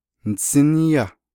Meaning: second-person singular perfect active indicative of naaghá
- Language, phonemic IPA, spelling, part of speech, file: Navajo, /nɪ̀sɪ́nɪ́jɑ́/, nisíníyá, verb, Nv-nisíníyá.ogg